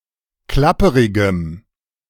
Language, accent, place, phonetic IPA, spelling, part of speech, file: German, Germany, Berlin, [ˈklapəʁɪɡəm], klapperigem, adjective, De-klapperigem.ogg
- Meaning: strong dative masculine/neuter singular of klapperig